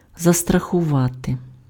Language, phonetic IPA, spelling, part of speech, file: Ukrainian, [zɐstrɐxʊˈʋate], застрахувати, verb, Uk-застрахувати.ogg
- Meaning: to insure (provide for compensation if some specified risk occurs)